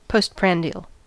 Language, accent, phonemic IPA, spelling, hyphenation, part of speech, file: English, General American, /ˌpoʊs(t)ˈpɹæn.di.əl/, postprandial, post‧prand‧ial, adjective, En-us-postprandial.ogg
- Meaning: After a meal, especially after dinner